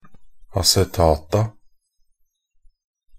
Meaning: definite plural of acetat
- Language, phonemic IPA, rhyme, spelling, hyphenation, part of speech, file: Norwegian Bokmål, /asɛˈtɑːta/, -ɑːta, acetata, a‧ce‧ta‧ta, noun, Nb-acetata.ogg